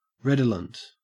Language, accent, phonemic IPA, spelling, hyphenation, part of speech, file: English, Australia, /ˈɹed.ə.lənt/, redolent, red‧o‧lent, adjective, En-au-redolent.ogg
- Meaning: 1. Fragrant or aromatic; having a sweet scent 2. Having the smell of the article in question 3. Suggestive or reminiscent